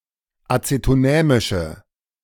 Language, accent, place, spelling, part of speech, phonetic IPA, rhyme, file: German, Germany, Berlin, acetonämische, adjective, [ˌat͡setoˈnɛːmɪʃə], -ɛːmɪʃə, De-acetonämische.ogg
- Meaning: inflection of acetonämisch: 1. strong/mixed nominative/accusative feminine singular 2. strong nominative/accusative plural 3. weak nominative all-gender singular